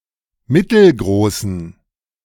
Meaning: inflection of mittelgroß: 1. strong genitive masculine/neuter singular 2. weak/mixed genitive/dative all-gender singular 3. strong/weak/mixed accusative masculine singular 4. strong dative plural
- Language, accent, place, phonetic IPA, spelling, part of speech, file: German, Germany, Berlin, [ˈmɪtl̩ˌɡʁoːsn̩], mittelgroßen, adjective, De-mittelgroßen.ogg